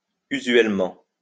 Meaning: usually, commonly
- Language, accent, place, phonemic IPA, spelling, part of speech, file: French, France, Lyon, /y.zɥɛl.mɑ̃/, usuellement, adverb, LL-Q150 (fra)-usuellement.wav